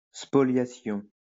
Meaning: spoliation
- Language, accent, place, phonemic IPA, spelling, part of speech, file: French, France, Lyon, /spɔ.lja.sjɔ̃/, spoliation, noun, LL-Q150 (fra)-spoliation.wav